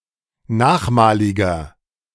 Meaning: inflection of nachmalig: 1. strong/mixed nominative masculine singular 2. strong genitive/dative feminine singular 3. strong genitive plural
- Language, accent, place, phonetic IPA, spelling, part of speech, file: German, Germany, Berlin, [ˈnaːxˌmaːlɪɡɐ], nachmaliger, adjective, De-nachmaliger.ogg